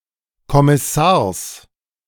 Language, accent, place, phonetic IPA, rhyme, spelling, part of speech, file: German, Germany, Berlin, [kɔmɪˈsaːɐ̯s], -aːɐ̯s, Kommissars, noun, De-Kommissars.ogg
- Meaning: genitive singular of Kommissar